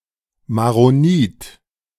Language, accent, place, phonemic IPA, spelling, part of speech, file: German, Germany, Berlin, /ma.roˈniːt/, Maronit, noun, De-Maronit.ogg
- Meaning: Maronite (member of the Maronite Church, a Levantine, especially Lebanese, branch of the Roman Catholic Church)